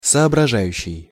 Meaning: present active imperfective participle of сообража́ть (soobražátʹ)
- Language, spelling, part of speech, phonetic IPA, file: Russian, соображающий, verb, [sɐɐbrɐˈʐajʉɕːɪj], Ru-соображающий.ogg